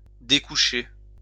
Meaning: 1. to sleep away from home, to stay the night elsewhere 2. to stay out all night
- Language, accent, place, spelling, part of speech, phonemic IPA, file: French, France, Lyon, découcher, verb, /de.ku.ʃe/, LL-Q150 (fra)-découcher.wav